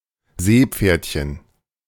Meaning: sea horse
- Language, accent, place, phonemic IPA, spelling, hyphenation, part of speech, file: German, Germany, Berlin, /ˈzeːˌpfeɐ̯tçən/, Seepferdchen, See‧pferd‧chen, noun, De-Seepferdchen.ogg